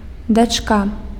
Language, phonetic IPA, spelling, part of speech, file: Belarusian, [dat͡ʂˈka], дачка, noun, Be-дачка.ogg
- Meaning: daughter